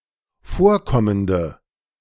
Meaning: inflection of vorkommend: 1. strong/mixed nominative/accusative feminine singular 2. strong nominative/accusative plural 3. weak nominative all-gender singular
- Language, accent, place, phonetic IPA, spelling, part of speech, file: German, Germany, Berlin, [ˈfoːɐ̯ˌkɔməndə], vorkommende, adjective, De-vorkommende.ogg